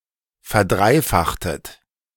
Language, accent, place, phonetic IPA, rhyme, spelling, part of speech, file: German, Germany, Berlin, [fɛɐ̯ˈdʁaɪ̯ˌfaxtət], -aɪ̯faxtət, verdreifachtet, verb, De-verdreifachtet.ogg
- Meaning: inflection of verdreifachen: 1. second-person plural preterite 2. second-person plural subjunctive II